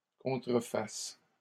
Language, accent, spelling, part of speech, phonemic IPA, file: French, Canada, contrefassent, verb, /kɔ̃.tʁə.fas/, LL-Q150 (fra)-contrefassent.wav
- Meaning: third-person plural present subjunctive of contrefaire